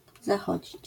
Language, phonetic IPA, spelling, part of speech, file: Polish, [zaˈxɔd͡ʑit͡ɕ], zachodzić, verb, LL-Q809 (pol)-zachodzić.wav